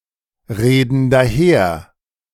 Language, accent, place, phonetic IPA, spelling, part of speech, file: German, Germany, Berlin, [ˌʁeːdn̩ daˈheːɐ̯], reden daher, verb, De-reden daher.ogg
- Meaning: inflection of daherreden: 1. first/third-person plural present 2. first/third-person plural subjunctive I